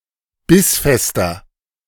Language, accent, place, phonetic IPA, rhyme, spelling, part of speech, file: German, Germany, Berlin, [ˈbɪsˌfɛstɐ], -ɪsfɛstɐ, bissfester, adjective, De-bissfester.ogg
- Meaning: 1. comparative degree of bissfest 2. inflection of bissfest: strong/mixed nominative masculine singular 3. inflection of bissfest: strong genitive/dative feminine singular